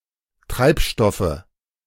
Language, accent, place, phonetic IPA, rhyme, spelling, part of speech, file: German, Germany, Berlin, [ˈtʁaɪ̯pˌʃtɔfə], -aɪ̯pʃtɔfə, Treibstoffe, noun, De-Treibstoffe.ogg
- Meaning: nominative/accusative/genitive plural of Treibstoff